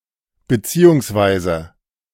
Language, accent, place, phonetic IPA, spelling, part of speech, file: German, Germany, Berlin, [bɛˈt͡siː.ʊŋsˌvaɪ̯.zə], bzw., adverb, De-bzw..ogg
- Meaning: abbreviation of beziehungsweise: 1. or; also 2. or rather; more precisely; i.e 3. and…respectively